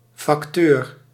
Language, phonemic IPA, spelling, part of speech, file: Dutch, /fɑkˈtør/, facteur, noun, Nl-facteur.ogg
- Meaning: mailman